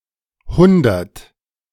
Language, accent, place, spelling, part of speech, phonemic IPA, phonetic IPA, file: German, Germany, Berlin, Hundert, noun, /ˈhʊndərt/, [ˈhʊn.dɐt], De-Hundert.ogg
- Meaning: 1. hundred (set or unit of one hundred items) 2. hundreds, a lot (unspecified large quantity) 3. hundred (the number)